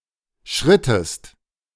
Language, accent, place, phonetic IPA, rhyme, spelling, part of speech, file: German, Germany, Berlin, [ˈʃʁɪtəst], -ɪtəst, schrittest, verb, De-schrittest.ogg
- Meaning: inflection of schreiten: 1. second-person singular preterite 2. second-person singular subjunctive II